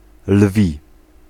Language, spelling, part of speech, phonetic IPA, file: Polish, lwi, adjective, [lvʲi], Pl-lwi.ogg